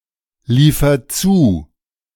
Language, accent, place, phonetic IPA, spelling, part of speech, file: German, Germany, Berlin, [ˌliːfɐ ˈt͡suː], liefer zu, verb, De-liefer zu.ogg
- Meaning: inflection of zuliefern: 1. first-person singular present 2. singular imperative